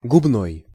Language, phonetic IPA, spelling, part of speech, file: Russian, [ɡʊbˈnoj], губной, adjective, Ru-губной.ogg
- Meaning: 1. lip 2. labial